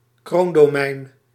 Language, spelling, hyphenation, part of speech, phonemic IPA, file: Dutch, kroondomein, kroon‧do‧mein, noun, /ˈkroːn.doːˌmɛi̯n/, Nl-kroondomein.ogg